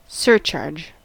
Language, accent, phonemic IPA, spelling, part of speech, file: English, US, /ˈsɜɹt͡ʃɑɹd͡ʒ/, surcharge, noun / verb, En-us-surcharge.ogg
- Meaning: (noun) An addition of extra charge on the agreed, stated, or baseline price. Sometimes portrayed by a buyer as excessive and rapacious; usually portrayed by a seller as justified and necessary